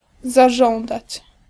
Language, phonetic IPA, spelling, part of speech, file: Polish, [zaˈʒɔ̃ndat͡ɕ], zażądać, verb, Pl-zażądać.ogg